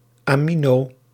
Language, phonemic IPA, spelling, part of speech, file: Dutch, /aːˈminoː/, amino-, prefix, Nl-amino-.ogg
- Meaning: amino-